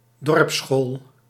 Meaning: a village school
- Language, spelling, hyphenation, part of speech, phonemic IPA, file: Dutch, dorpsschool, dorps‧school, noun, /ˈdɔrp.sxoːl/, Nl-dorpsschool.ogg